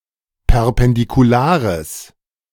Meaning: strong/mixed nominative/accusative neuter singular of perpendikular
- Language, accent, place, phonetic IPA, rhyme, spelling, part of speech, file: German, Germany, Berlin, [pɛʁpɛndikuˈlaːʁəs], -aːʁəs, perpendikulares, adjective, De-perpendikulares.ogg